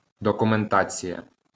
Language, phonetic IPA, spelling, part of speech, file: Ukrainian, [dɔkʊmenˈtat͡sʲijɐ], документація, noun, LL-Q8798 (ukr)-документація.wav
- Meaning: documentation